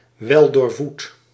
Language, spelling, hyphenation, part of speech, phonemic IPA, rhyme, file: Dutch, weldoorvoed, wel‧door‧voed, adjective, /ˌʋɛl.doːrˈvut/, -ut, Nl-weldoorvoed.ogg
- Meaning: well-fed